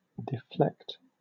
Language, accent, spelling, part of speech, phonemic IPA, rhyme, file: English, Southern England, deflect, verb, /dɪˈflɛkt/, -ɛkt, LL-Q1860 (eng)-deflect.wav
- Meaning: 1. To make (something) deviate from its original path or position 2. To touch the ball, often unwittingly, after a shot or a sharp pass, thereby making it unpredictable for the other players